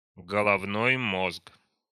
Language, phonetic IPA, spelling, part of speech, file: Russian, [ɡəɫɐvˈnoj ˈmosk], головной мозг, noun, Ru-головной мозг.ogg
- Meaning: brain